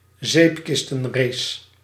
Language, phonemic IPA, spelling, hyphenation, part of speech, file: Dutch, /ˈzeːp.kɪs.tə(n)ˌreːs/, zeepkistenrace, zeep‧kis‧ten‧race, noun, Nl-zeepkistenrace.ogg
- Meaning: soapbox car race